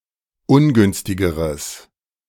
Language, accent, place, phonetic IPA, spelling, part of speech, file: German, Germany, Berlin, [ˈʊnˌɡʏnstɪɡəʁəs], ungünstigeres, adjective, De-ungünstigeres.ogg
- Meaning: strong/mixed nominative/accusative neuter singular comparative degree of ungünstig